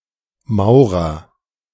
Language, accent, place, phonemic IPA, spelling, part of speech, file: German, Germany, Berlin, /ˈmaʊ̯ʁɐ/, Maurer, noun / proper noun, De-Maurer2.ogg
- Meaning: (noun) bricklayer, mason (craftsperson who builds in stone; male or unspecified sex); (proper noun) a surname; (noun) An inhabitant of Mauren (e.g. Liechtenstein)